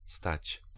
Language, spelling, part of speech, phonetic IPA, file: Polish, stać, verb, [stat͡ɕ], Pl-stać.ogg